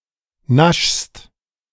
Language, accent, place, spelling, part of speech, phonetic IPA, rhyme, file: German, Germany, Berlin, naschst, verb, [naʃst], -aʃst, De-naschst.ogg
- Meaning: second-person singular present of naschen